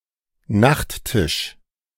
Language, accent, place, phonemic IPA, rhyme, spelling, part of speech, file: German, Germany, Berlin, /ˈnaχtɪʃ/, -ɪʃ, Nachttisch, noun, De-Nachttisch.ogg
- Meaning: nightstand, bedside table